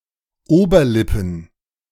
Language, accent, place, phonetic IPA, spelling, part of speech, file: German, Germany, Berlin, [ˈoːbɐˌlɪpn̩], Oberlippen, noun, De-Oberlippen.ogg
- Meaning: plural of Oberlippe